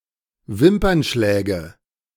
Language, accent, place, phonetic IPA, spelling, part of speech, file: German, Germany, Berlin, [ˈvɪmpɐnˌʃlɛːɡə], Wimpernschläge, noun, De-Wimpernschläge.ogg
- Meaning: nominative/accusative/genitive plural of Wimpernschlag